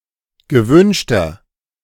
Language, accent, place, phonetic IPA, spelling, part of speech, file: German, Germany, Berlin, [ɡəˈvʏnʃtɐ], gewünschter, adjective, De-gewünschter.ogg
- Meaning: inflection of gewünscht: 1. strong/mixed nominative masculine singular 2. strong genitive/dative feminine singular 3. strong genitive plural